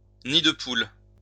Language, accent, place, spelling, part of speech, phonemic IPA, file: French, France, Lyon, nid-de-poule, noun, /ni.d(ə).pul/, LL-Q150 (fra)-nid-de-poule.wav
- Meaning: alternative spelling of nid de poule